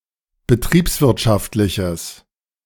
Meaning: strong/mixed nominative/accusative neuter singular of betriebswirtschaftlich
- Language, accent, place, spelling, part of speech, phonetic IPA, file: German, Germany, Berlin, betriebswirtschaftliches, adjective, [bəˈtʁiːpsˌvɪʁtʃaftlɪçəs], De-betriebswirtschaftliches.ogg